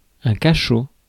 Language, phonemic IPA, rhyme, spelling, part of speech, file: French, /ka.ʃo/, -o, cachot, noun, Fr-cachot.ogg
- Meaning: 1. dungeon, prison 2. penalty box